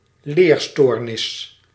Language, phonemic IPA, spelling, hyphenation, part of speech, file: Dutch, /ˈleːrˌstoːr.nɪs/, leerstoornis, leer‧stoor‧nis, noun, Nl-leerstoornis.ogg
- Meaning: learning disability